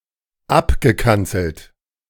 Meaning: past participle of abkanzeln
- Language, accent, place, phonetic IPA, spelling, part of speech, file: German, Germany, Berlin, [ˈapɡəˌkant͡sl̩t], abgekanzelt, verb, De-abgekanzelt.ogg